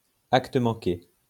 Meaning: a mistake which was unconsciously deliberate; accidentally on purpose; a Freudian slip
- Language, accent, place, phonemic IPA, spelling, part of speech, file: French, France, Lyon, /ak.t(ə) mɑ̃.ke/, acte manqué, noun, LL-Q150 (fra)-acte manqué.wav